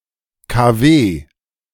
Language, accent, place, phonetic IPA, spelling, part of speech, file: German, Germany, Berlin, [kaˈveː], KW, abbreviation, De-KW.ogg
- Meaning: 1. initialism of Kalenderwoche 2. initialism of Kurzwelle